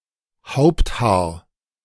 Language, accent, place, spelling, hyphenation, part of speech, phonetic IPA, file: German, Germany, Berlin, Haupthaar, Haupt‧haar, noun, [ˈhaʊ̯ptˌhaːɐ̯], De-Haupthaar.ogg
- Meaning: headhair